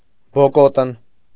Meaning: barefoot, barefooted
- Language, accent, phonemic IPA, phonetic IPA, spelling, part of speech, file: Armenian, Eastern Armenian, /boˈkotən/, [bokótən], բոկոտն, adjective, Hy-բոկոտն.ogg